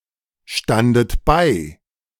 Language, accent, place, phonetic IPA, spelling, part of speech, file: German, Germany, Berlin, [ˌʃtandət ˈbaɪ̯], standet bei, verb, De-standet bei.ogg
- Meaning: second-person plural preterite of beistehen